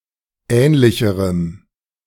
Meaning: strong dative masculine/neuter singular comparative degree of ähnlich
- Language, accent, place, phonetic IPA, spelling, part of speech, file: German, Germany, Berlin, [ˈɛːnlɪçəʁəm], ähnlicherem, adjective, De-ähnlicherem.ogg